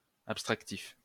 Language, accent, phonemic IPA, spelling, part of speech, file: French, France, /ap.stʁak.tif/, abstractif, adjective, LL-Q150 (fra)-abstractif.wav
- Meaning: abstractive